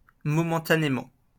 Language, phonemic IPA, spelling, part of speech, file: French, /mɔ.mɑ̃.ta.ne.mɑ̃/, momentanément, adverb, LL-Q150 (fra)-momentanément.wav
- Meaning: momentarily